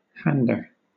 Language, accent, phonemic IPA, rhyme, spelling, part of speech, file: English, Southern England, /ˈhændə(ɹ)/, -ændə(ɹ), hander, noun, LL-Q1860 (eng)-hander.wav
- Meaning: 1. One who hands over or transmits; a conveyor in succession 2. Something having, using, or requiring, a certain hand, or number of hands 3. A blow on the hand as punishment